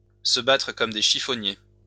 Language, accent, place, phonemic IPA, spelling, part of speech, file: French, France, Lyon, /sə ba.tʁə kɔm de ʃi.fɔ.nje/, se battre comme des chiffonniers, verb, LL-Q150 (fra)-se battre comme des chiffonniers.wav
- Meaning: to go at it hammer and tongs (to fight very violently)